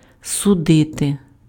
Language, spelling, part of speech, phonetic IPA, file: Ukrainian, судити, verb, [sʊˈdɪte], Uk-судити.ogg
- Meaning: to judge, to try, to adjudicate